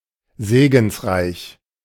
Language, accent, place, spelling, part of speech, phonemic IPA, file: German, Germany, Berlin, segensreich, adjective, /ˈzeːɡn̩sˌʁaɪ̯ç/, De-segensreich.ogg
- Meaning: beneficent, beneficial